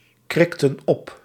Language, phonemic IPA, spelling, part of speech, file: Dutch, /ˈkrɪktə(n) ˈɔp/, krikten op, verb, Nl-krikten op.ogg
- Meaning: inflection of opkrikken: 1. plural past indicative 2. plural past subjunctive